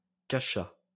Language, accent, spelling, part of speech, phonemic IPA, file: French, France, cacha, verb, /ka.ʃa/, LL-Q150 (fra)-cacha.wav
- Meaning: third-person singular past historic of cacher